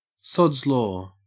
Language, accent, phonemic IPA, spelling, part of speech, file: English, Australia, /sɒdz lɔ/, Sod's law, proper noun, En-au-Sod's law.ogg
- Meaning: The principle that what can go wrong, will go wrong, usually with some observed degree of irony